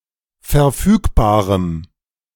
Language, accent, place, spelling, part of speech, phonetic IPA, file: German, Germany, Berlin, verfügbarem, adjective, [fɛɐ̯ˈfyːkbaːʁəm], De-verfügbarem.ogg
- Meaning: strong dative masculine/neuter singular of verfügbar